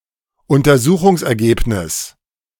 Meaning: findings
- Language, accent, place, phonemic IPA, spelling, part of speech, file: German, Germany, Berlin, /ʊntɐˈzuːχʊŋsɛʁˌɡeːpnɪs/, Untersuchungsergebnis, noun, De-Untersuchungsergebnis.ogg